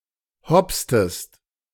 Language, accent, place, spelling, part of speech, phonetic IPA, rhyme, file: German, Germany, Berlin, hopstest, verb, [ˈhɔpstəst], -ɔpstəst, De-hopstest.ogg
- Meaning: inflection of hopsen: 1. second-person singular preterite 2. second-person singular subjunctive II